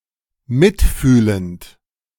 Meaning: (verb) present participle of mitfühlen; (adjective) sympathetic
- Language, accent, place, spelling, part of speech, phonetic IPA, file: German, Germany, Berlin, mitfühlend, adjective / verb, [ˈmɪtˌfyːlənt], De-mitfühlend.ogg